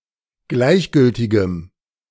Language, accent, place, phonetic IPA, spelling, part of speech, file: German, Germany, Berlin, [ˈɡlaɪ̯çˌɡʏltɪɡəm], gleichgültigem, adjective, De-gleichgültigem.ogg
- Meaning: strong dative masculine/neuter singular of gleichgültig